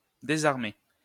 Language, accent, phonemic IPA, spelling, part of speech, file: French, France, /de.zaʁ.me/, désarmer, verb, LL-Q150 (fra)-désarmer.wav
- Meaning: to disarm